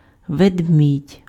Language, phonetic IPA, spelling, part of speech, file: Ukrainian, [ʋedˈmʲidʲ], ведмідь, noun, Uk-ведмідь.ogg
- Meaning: bear